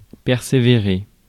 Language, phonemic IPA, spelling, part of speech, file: French, /pɛʁ.se.ve.ʁe/, persévérer, verb, Fr-persévérer.ogg
- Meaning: to persevere